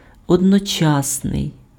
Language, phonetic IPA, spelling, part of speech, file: Ukrainian, [ɔdnɔˈt͡ʃasnei̯], одночасний, adjective, Uk-одночасний.ogg
- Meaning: 1. simultaneous 2. synchronous